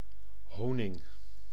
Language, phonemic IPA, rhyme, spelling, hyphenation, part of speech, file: Dutch, /ˈɦoː.nɪŋ/, -oːnɪŋ, honing, ho‧ning, noun, Nl-honing.ogg
- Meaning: honey